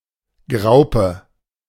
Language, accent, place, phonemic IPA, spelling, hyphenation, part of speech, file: German, Germany, Berlin, /ˈɡʁaʊ̯pə/, Graupe, Grau‧pe, noun, De-Graupe.ogg
- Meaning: pearl barley, hulled wheat